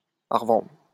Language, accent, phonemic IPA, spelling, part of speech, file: French, France, /a ʁ(ə).vɑ̃dʁ/, à revendre, prepositional phrase, LL-Q150 (fra)-à revendre.wav
- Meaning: aplenty, galore, to spare, in spades (in abundance)